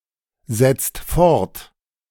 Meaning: inflection of fortsetzen: 1. second/third-person singular present 2. second-person plural present 3. plural imperative
- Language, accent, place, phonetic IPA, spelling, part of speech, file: German, Germany, Berlin, [ˌzɛt͡st ˈfɔʁt], setzt fort, verb, De-setzt fort.ogg